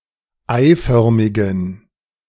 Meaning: inflection of eiförmig: 1. strong genitive masculine/neuter singular 2. weak/mixed genitive/dative all-gender singular 3. strong/weak/mixed accusative masculine singular 4. strong dative plural
- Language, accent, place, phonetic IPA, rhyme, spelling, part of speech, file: German, Germany, Berlin, [ˈaɪ̯ˌfœʁmɪɡn̩], -aɪ̯fœʁmɪɡn̩, eiförmigen, adjective, De-eiförmigen.ogg